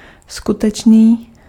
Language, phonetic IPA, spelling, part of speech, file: Czech, [ˈskutɛt͡ʃniː], skutečný, adjective, Cs-skutečný.ogg
- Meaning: real (having physical existence), actual (existing in act or reality, not just potentially)